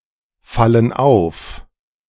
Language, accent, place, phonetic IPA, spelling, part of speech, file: German, Germany, Berlin, [ˌfalən ˈaʊ̯f], fallen auf, verb, De-fallen auf.ogg
- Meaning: inflection of auffallen: 1. first/third-person plural present 2. first/third-person plural subjunctive I